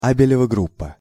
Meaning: abelian group
- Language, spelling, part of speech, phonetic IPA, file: Russian, абелева группа, noun, [ˈabʲɪlʲɪvə ˈɡrup(ː)ə], Ru-абелева группа.ogg